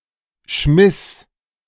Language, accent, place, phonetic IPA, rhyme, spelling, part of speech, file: German, Germany, Berlin, [ʃmɪs], -ɪs, schmiss, verb, De-schmiss.ogg
- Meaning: first/third-person singular preterite of schmeißen